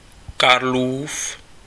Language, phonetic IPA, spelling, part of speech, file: Czech, [ˈkarluːf], Karlův, adjective, Cs-Karlův.ogg
- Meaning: possessive of Karel: Karel's